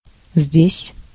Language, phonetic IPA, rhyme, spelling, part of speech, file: Russian, [zʲdʲesʲ], -esʲ, здесь, adverb, Ru-здесь.ogg
- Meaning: here